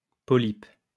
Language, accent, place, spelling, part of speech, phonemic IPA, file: French, France, Lyon, polype, noun, /pɔ.lip/, LL-Q150 (fra)-polype.wav
- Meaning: polyp